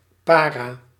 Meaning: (noun) para (paratrooper); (adjective) synonym of paranoïde
- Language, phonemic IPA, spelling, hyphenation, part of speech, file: Dutch, /ˈpara/, para, pa‧ra, noun, Nl-para.ogg